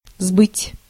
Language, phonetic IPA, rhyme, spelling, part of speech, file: Russian, [zbɨtʲ], -ɨtʲ, сбыть, verb, Ru-сбыть.ogg
- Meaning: 1. to sell, to market 2. to get rid of